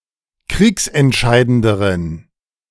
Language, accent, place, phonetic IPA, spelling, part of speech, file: German, Germany, Berlin, [ˈkʁiːksɛntˌʃaɪ̯dəndəʁən], kriegsentscheidenderen, adjective, De-kriegsentscheidenderen.ogg
- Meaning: inflection of kriegsentscheidend: 1. strong genitive masculine/neuter singular comparative degree 2. weak/mixed genitive/dative all-gender singular comparative degree